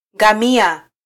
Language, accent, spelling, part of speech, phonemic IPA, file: Swahili, Kenya, ngamia, noun, /ᵑɡɑˈmi.ɑ/, Sw-ke-ngamia.flac
- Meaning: 1. camel 2. idiot